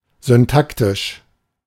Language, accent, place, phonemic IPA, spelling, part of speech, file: German, Germany, Berlin, /zʏnˈtaktɪʃ/, syntaktisch, adjective, De-syntaktisch.ogg
- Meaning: syntactic